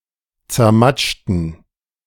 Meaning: inflection of zermatschen: 1. first/third-person plural preterite 2. first/third-person plural subjunctive II
- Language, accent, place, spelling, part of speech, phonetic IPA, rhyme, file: German, Germany, Berlin, zermatschten, adjective / verb, [t͡sɛɐ̯ˈmat͡ʃtn̩], -at͡ʃtn̩, De-zermatschten.ogg